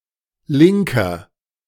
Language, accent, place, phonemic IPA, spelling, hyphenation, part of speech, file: German, Germany, Berlin, /ˈlɪŋkɐ/, Linker, Lin‧ker, noun, De-Linker.ogg
- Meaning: 1. left-winger, leftist (male or of unspecified gender) 2. inflection of Linke: strong genitive/dative singular 3. inflection of Linke: strong genitive plural